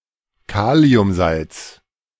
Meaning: potassium salt
- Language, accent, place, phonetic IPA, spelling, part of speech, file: German, Germany, Berlin, [ˈkaːli̯ʊmˌzalt͡s], Kaliumsalz, noun, De-Kaliumsalz.ogg